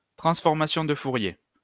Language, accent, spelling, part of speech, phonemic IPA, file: French, France, transformation de Fourier, noun, /tʁɑ̃s.fɔʁ.ma.sjɔ̃ d(ə) fu.ʁje/, LL-Q150 (fra)-transformation de Fourier.wav
- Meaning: Fourier transform